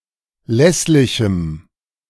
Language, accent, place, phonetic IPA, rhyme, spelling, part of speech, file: German, Germany, Berlin, [ˈlɛslɪçm̩], -ɛslɪçm̩, lässlichem, adjective, De-lässlichem.ogg
- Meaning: strong dative masculine/neuter singular of lässlich